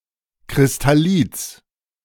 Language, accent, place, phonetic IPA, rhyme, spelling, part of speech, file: German, Germany, Berlin, [kʁɪstaˈliːt͡s], -iːt͡s, Kristallits, noun, De-Kristallits.ogg
- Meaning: genitive singular of Kristallit